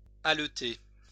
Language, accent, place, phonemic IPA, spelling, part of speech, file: French, France, Lyon, /al.te/, haleter, verb, LL-Q150 (fra)-haleter.wav
- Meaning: to pant (To breathe heavily)